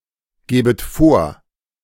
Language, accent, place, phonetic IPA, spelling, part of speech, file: German, Germany, Berlin, [ˌɡeːbət ˈfoːɐ̯], gebet vor, verb, De-gebet vor.ogg
- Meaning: second-person plural subjunctive I of vorgeben